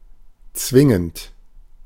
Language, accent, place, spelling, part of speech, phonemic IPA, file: German, Germany, Berlin, zwingend, verb / adjective / adverb, /ˈt͡svɪŋənt/, De-zwingend.ogg
- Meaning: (verb) present participle of zwingen; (adjective) 1. compelling, mandatory 2. necessary; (adverb) 1. mandatorily 2. necessarily